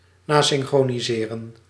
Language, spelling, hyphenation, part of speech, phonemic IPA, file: Dutch, nasynchroniseren, na‧syn‧chro‧ni‧se‧ren, verb, /ˈnaː.sɪn.xroː.niˌzeː.rə(n)/, Nl-nasynchroniseren.ogg
- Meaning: to dub (as in a movie)